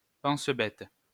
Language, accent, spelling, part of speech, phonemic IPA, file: French, France, pense-bête, noun, /pɑ̃s.bɛt/, LL-Q150 (fra)-pense-bête.wav
- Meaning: 1. reminder 2. post-it note